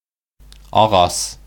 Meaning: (noun) 1. tree 2. wood, timber; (adjective) wooden
- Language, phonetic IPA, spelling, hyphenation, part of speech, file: Bashkir, [ɑˈʁɑs], ағас, а‧ғас, noun / adjective, Ba-ағас.ogg